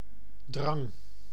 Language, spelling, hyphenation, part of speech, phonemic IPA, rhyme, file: Dutch, drang, drang, noun, /drɑŋ/, -ɑŋ, Nl-drang.ogg
- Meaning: 1. pressure 2. urge, longing 3. throng, multitude, mass